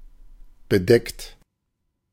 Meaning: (verb) past participle of bedecken; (adjective) 1. covered, coated, capped 2. overcast
- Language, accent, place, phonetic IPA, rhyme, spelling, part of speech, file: German, Germany, Berlin, [bəˈdɛkt], -ɛkt, bedeckt, adjective / verb, De-bedeckt.ogg